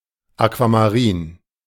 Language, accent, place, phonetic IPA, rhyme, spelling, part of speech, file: German, Germany, Berlin, [akvamaˈʁiːn], -iːn, aquamarin, adjective, De-aquamarin.ogg
- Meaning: aquamarine